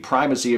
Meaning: 1. The state or condition of being prime or first, as in time, place, rank, preference etc 2. Excellence; supremacy
- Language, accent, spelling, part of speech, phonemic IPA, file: English, US, primacy, noun, /ˈpɹaɪ.mə.si/, En-us-primacy.ogg